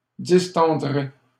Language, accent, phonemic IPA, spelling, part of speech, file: French, Canada, /dis.tɑ̃.dʁe/, distendrai, verb, LL-Q150 (fra)-distendrai.wav
- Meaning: first-person singular simple future of distendre